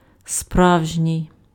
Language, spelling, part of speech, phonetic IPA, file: Ukrainian, справжній, adjective, [ˈsprau̯ʒnʲii̯], Uk-справжній.ogg
- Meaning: real, genuine, authentic, actual